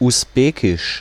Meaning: Uzbek (the language)
- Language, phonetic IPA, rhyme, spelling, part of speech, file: German, [ʊsˈbeːkɪʃ], -eːkɪʃ, Usbekisch, noun, De-Usbekisch.ogg